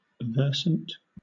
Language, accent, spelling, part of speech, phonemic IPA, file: English, Southern England, versant, adjective / noun, /ˈvɜː(ɹ)sənt/, LL-Q1860 (eng)-versant.wav
- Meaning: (adjective) 1. Experienced, practiced 2. Conversant; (noun) 1. A slope of a mountain or mountain ridge 2. The overall slope of a region